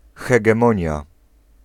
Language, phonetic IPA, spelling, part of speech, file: Polish, [ˌxɛɡɛ̃ˈmɔ̃ɲja], hegemonia, noun, Pl-hegemonia.ogg